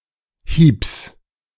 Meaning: genitive of Hieb
- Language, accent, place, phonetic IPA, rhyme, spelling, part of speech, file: German, Germany, Berlin, [hiːps], -iːps, Hiebs, noun, De-Hiebs.ogg